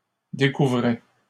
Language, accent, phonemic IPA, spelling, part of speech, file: French, Canada, /de.ku.vʁɛ/, découvrait, verb, LL-Q150 (fra)-découvrait.wav
- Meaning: third-person singular imperfect indicative of découvrir